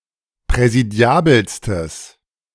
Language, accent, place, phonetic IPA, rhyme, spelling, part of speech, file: German, Germany, Berlin, [pʁɛziˈdi̯aːbl̩stəs], -aːbl̩stəs, präsidiabelstes, adjective, De-präsidiabelstes.ogg
- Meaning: strong/mixed nominative/accusative neuter singular superlative degree of präsidiabel